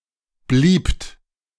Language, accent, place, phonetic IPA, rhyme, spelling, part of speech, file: German, Germany, Berlin, [bliːpt], -iːpt, bliebt, verb, De-bliebt.ogg
- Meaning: second-person plural preterite of bleiben